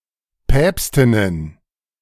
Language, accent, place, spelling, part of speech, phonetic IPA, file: German, Germany, Berlin, Päpstinnen, noun, [ˈpɛːpstɪnən], De-Päpstinnen.ogg
- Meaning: plural of Päpstin